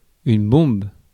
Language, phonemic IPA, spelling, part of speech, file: French, /bɔ̃b/, bombe, noun, Fr-bombe.ogg
- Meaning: 1. bomb (a device filled with explosives) 2. aerosol (either the substance or the container) 3. a hottie, a bombshell 4. globular glass vessel; demijohn, carboy